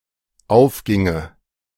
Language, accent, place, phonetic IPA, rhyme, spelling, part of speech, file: German, Germany, Berlin, [ˈaʊ̯fˌɡɪŋə], -aʊ̯fɡɪŋə, aufginge, verb, De-aufginge.ogg
- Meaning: first/third-person singular dependent subjunctive II of aufgehen